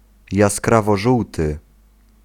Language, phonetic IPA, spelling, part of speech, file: Polish, [ˌjaskravɔˈʒuwtɨ], jaskrawożółty, adjective, Pl-jaskrawożółty.ogg